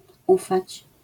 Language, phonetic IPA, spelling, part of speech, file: Polish, [ˈufat͡ɕ], ufać, verb, LL-Q809 (pol)-ufać.wav